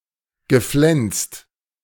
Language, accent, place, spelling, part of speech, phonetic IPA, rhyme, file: German, Germany, Berlin, geflenst, verb, [ɡəˈflɛnst], -ɛnst, De-geflenst.ogg
- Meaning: past participle of flensen